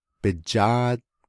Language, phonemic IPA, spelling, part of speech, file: Navajo, /pɪ̀t͡ʃɑ́ːt/, bijáád, noun, Nv-bijáád.ogg
- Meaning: 1. his/her/its/their leg 2. its wheels